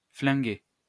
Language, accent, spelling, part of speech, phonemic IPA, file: French, France, flinguer, verb, /flɛ̃.ɡe/, LL-Q150 (fra)-flinguer.wav
- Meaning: 1. to gun, to gun down 2. to commit suicide with a gun